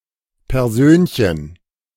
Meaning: diminutive of Person, especially: a petite person, one of little height and weight
- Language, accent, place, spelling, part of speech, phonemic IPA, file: German, Germany, Berlin, Persönchen, noun, /pɛrˈzøːn.çən/, De-Persönchen.ogg